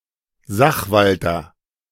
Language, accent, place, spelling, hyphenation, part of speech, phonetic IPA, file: German, Germany, Berlin, Sachwalter, Sach‧wal‧ter, noun, [ˈzaxˌvaltɐ], De-Sachwalter.ogg
- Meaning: 1. advocate, custodian, administrator 2. guardian, custodian (a person legally responsible for an incompetent person)